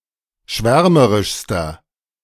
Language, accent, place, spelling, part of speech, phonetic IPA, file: German, Germany, Berlin, schwärmerischster, adjective, [ˈʃvɛʁməʁɪʃstɐ], De-schwärmerischster.ogg
- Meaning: inflection of schwärmerisch: 1. strong/mixed nominative masculine singular superlative degree 2. strong genitive/dative feminine singular superlative degree